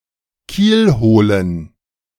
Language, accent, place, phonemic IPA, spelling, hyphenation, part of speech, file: German, Germany, Berlin, /ˈkiːlˌhoːlən/, kielholen, kiel‧ho‧len, verb, De-kielholen.ogg
- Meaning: 1. to keelhaul 2. to careen